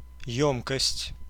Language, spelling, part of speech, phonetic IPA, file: Russian, ёмкость, noun, [ˈjɵmkəsʲtʲ], Ru-ёмкость.ogg
- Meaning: 1. capacitance, capacity, volume 2. vessel, bottle (anything that can hold liquid, usually of higher capacity) 3. capacitor